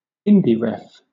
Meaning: The Scottish independence referendum held on 18 September 2014
- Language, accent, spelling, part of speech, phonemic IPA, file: English, Southern England, Indyref, proper noun, /ˈɪn.di.ɹɛf/, LL-Q1860 (eng)-Indyref.wav